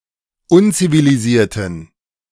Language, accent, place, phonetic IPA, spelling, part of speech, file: German, Germany, Berlin, [ˈʊnt͡siviliˌziːɐ̯tn̩], unzivilisierten, adjective, De-unzivilisierten.ogg
- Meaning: inflection of unzivilisiert: 1. strong genitive masculine/neuter singular 2. weak/mixed genitive/dative all-gender singular 3. strong/weak/mixed accusative masculine singular 4. strong dative plural